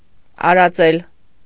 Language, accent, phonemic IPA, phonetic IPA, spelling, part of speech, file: Armenian, Eastern Armenian, /ɑɾɑˈt͡sel/, [ɑɾɑt͡sél], արածել, verb, Hy-արածել.ogg
- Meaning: 1. to graze, to pasture, to browse 2. to pasture, to feed (to take animals out to graze)